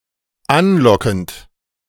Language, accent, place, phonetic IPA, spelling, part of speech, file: German, Germany, Berlin, [ˈanˌlɔkn̩t], anlockend, verb, De-anlockend.ogg
- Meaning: present participle of anlocken